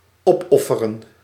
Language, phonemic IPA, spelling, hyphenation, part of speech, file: Dutch, /ˈɔpˌɔ.fə.rə(n)/, opofferen, op‧of‧fe‧ren, verb, Nl-opofferen.ogg
- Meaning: to sacrifice, offer up